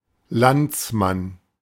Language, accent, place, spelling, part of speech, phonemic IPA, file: German, Germany, Berlin, Landsmann, noun, /ˈlan(t)sˌman/, De-Landsmann.ogg
- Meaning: 1. a (male) national; one who comes from some country or region 2. a (male) compatriot; a fellow countryman; one who comes from the same country or region as another